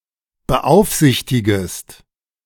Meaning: second-person singular subjunctive I of beaufsichtigen
- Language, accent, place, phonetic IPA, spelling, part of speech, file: German, Germany, Berlin, [bəˈʔaʊ̯fˌzɪçtɪɡəst], beaufsichtigest, verb, De-beaufsichtigest.ogg